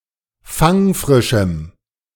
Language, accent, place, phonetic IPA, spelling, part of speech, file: German, Germany, Berlin, [ˈfaŋˌfʁɪʃm̩], fangfrischem, adjective, De-fangfrischem.ogg
- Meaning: strong dative masculine/neuter singular of fangfrisch